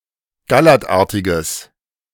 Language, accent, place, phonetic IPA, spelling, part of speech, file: German, Germany, Berlin, [ɡaˈlɛʁtˌʔaʁtɪɡəs], gallertartiges, adjective, De-gallertartiges.ogg
- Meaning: strong/mixed nominative/accusative neuter singular of gallertartig